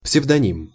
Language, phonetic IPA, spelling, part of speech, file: Russian, [psʲɪvdɐˈnʲim], псевдоним, noun, Ru-псевдоним.ogg
- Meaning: pseudonym, alias, pen name, stage name